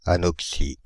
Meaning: anoxia (condition in which a tissue or environment is totally deprived of oxygen)
- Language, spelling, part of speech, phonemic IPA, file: French, anoxie, noun, /a.nɔk.si/, Fr-anoxie.ogg